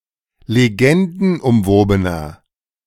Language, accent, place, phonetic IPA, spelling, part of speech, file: German, Germany, Berlin, [leˈɡɛndn̩ʔʊmˌvoːbənɐ], legendenumwobener, adjective, De-legendenumwobener.ogg
- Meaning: 1. comparative degree of legendenumwoben 2. inflection of legendenumwoben: strong/mixed nominative masculine singular 3. inflection of legendenumwoben: strong genitive/dative feminine singular